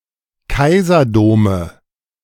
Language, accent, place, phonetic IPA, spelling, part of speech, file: German, Germany, Berlin, [ˈkaɪ̯zɐˌdoːmə], Kaiserdome, noun, De-Kaiserdome.ogg
- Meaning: nominative/accusative/genitive plural of Kaiserdom